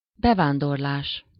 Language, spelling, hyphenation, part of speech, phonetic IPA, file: Hungarian, bevándorlás, be‧ván‧dor‧lás, noun, [ˈbɛvaːndorlaːʃ], Hu-bevándorlás.ogg
- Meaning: immigration